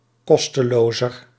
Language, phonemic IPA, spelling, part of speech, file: Dutch, /ˈkɔstəloːzər/, kostelozer, adjective, Nl-kostelozer.ogg
- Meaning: comparative degree of kosteloos